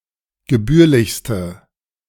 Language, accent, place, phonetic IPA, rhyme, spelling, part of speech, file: German, Germany, Berlin, [ɡəˈbyːɐ̯lɪçstə], -yːɐ̯lɪçstə, gebührlichste, adjective, De-gebührlichste.ogg
- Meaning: inflection of gebührlich: 1. strong/mixed nominative/accusative feminine singular superlative degree 2. strong nominative/accusative plural superlative degree